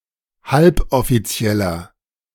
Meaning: inflection of halboffiziell: 1. strong/mixed nominative masculine singular 2. strong genitive/dative feminine singular 3. strong genitive plural
- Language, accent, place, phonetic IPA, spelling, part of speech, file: German, Germany, Berlin, [ˈhalpʔɔfiˌt͡si̯ɛlɐ], halboffizieller, adjective, De-halboffizieller.ogg